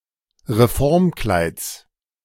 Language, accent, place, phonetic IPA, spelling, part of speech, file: German, Germany, Berlin, [ʁeˈfɔʁmˌklaɪ̯t͡s], Reformkleids, noun, De-Reformkleids.ogg
- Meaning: genitive singular of Reformkleid